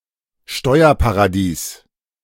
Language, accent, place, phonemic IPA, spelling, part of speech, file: German, Germany, Berlin, /ˈʃtɔɪ̯ɐpaʁaˌdiːs/, Steuerparadies, noun, De-Steuerparadies.ogg
- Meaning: tax haven